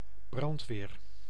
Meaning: firefighting, fire department, fire brigade
- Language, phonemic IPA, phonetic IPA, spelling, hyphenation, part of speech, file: Dutch, /ˈbrɑnt.ʋeːr/, [ˈbrɑnt.ʋɪːr], brandweer, brand‧weer, noun, Nl-brandweer.ogg